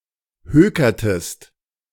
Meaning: inflection of hökern: 1. second-person singular preterite 2. second-person singular subjunctive II
- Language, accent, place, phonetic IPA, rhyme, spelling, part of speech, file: German, Germany, Berlin, [ˈhøːkɐtəst], -øːkɐtəst, hökertest, verb, De-hökertest.ogg